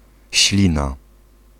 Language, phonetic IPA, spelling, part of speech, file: Polish, [ˈɕlʲĩna], ślina, noun, Pl-ślina.ogg